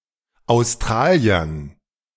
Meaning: dative plural of Australier
- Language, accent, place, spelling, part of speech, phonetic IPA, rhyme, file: German, Germany, Berlin, Australiern, noun, [aʊ̯sˈtʁaːli̯ɐn], -aːli̯ɐn, De-Australiern.ogg